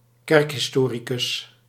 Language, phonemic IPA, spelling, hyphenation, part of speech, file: Dutch, /ˈkɛrk.ɦɪsˌtoː.ri.kʏs/, kerkhistoricus, kerk‧his‧to‧ri‧cus, noun, Nl-kerkhistoricus.ogg
- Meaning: church historian